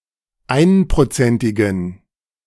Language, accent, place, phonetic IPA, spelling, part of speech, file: German, Germany, Berlin, [ˈaɪ̯npʁoˌt͡sɛntɪɡn̩], einprozentigen, adjective, De-einprozentigen.ogg
- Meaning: inflection of einprozentig: 1. strong genitive masculine/neuter singular 2. weak/mixed genitive/dative all-gender singular 3. strong/weak/mixed accusative masculine singular 4. strong dative plural